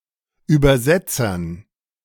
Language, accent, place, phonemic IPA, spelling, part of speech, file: German, Germany, Berlin, /ˌyːbɐˈzɛtsɐn/, Übersetzern, noun, De-Übersetzern.ogg
- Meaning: dative plural of Übersetzer